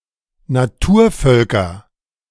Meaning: nominative/accusative/genitive plural of Naturvolk
- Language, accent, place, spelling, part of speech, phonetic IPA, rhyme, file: German, Germany, Berlin, Naturvölker, noun, [naˈtuːɐ̯ˌfœlkɐ], -uːɐ̯fœlkɐ, De-Naturvölker.ogg